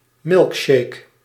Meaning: milkshake
- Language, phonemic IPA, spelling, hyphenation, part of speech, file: Dutch, /ˈmɪlk.ʃeːk/, milkshake, milk‧shake, noun, Nl-milkshake.ogg